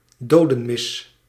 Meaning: requiem (Catholic mass in honor and remembrance of a deceased person)
- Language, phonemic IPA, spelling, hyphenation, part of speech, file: Dutch, /ˈdoːdə(n)ˌmɪs/, dodenmis, do‧den‧mis, noun, Nl-dodenmis.ogg